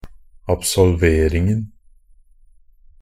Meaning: definite singular of absolvering
- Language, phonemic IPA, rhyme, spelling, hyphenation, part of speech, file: Norwegian Bokmål, /absɔlˈʋeːrɪŋn̩/, -ɪŋn̩, absolveringen, ab‧sol‧ver‧ing‧en, noun, NB - Pronunciation of Norwegian Bokmål «absolveringen».ogg